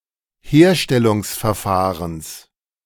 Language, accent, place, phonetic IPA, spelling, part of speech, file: German, Germany, Berlin, [ˈheːɐ̯ʃtɛlʊŋsfɛɐ̯ˌfaːʁəns], Herstellungsverfahrens, noun, De-Herstellungsverfahrens.ogg
- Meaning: genitive singular of Herstellungsverfahren